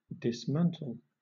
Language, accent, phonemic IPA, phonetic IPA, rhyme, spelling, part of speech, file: English, Southern England, /dɪsˈmæntəl/, [dɪsˈmæntʰəɫ], -æntəl, dismantle, verb, LL-Q1860 (eng)-dismantle.wav
- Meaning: 1. To take apart; to disassemble; to take to pieces 2. To disprove a discourse, claim or argument 3. To divest, strip of dress or covering 4. To remove fittings or furnishings from